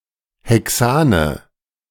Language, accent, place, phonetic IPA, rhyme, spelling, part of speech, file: German, Germany, Berlin, [ˌhɛˈksaːnə], -aːnə, Hexane, noun, De-Hexane.ogg
- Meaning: nominative/accusative/genitive plural of Hexan